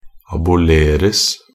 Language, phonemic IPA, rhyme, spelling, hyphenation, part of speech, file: Norwegian Bokmål, /abʊˈleːrəs/, -əs, aboleres, a‧bo‧ler‧es, verb, Nb-aboleres.ogg
- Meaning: passive of abolere